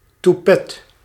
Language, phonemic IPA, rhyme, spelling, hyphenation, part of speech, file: Dutch, /tuˈpɛt/, -ɛt, toupet, tou‧pet, noun, Nl-toupet.ogg
- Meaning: toupee